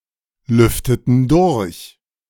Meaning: inflection of durchlüften: 1. first/third-person plural preterite 2. first/third-person plural subjunctive II
- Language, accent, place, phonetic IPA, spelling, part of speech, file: German, Germany, Berlin, [ˌlʏftətn̩ ˈdʊʁç], lüfteten durch, verb, De-lüfteten durch.ogg